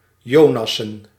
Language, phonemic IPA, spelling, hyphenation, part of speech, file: Dutch, /ˈjoːˌnɑ.sə(n)/, jonassen, jo‧nas‧sen, verb, Nl-jonassen.ogg
- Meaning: to grab (someone) by the hands and feet and swing or throw (him or her) upward repeatedly, done as a game or as hazing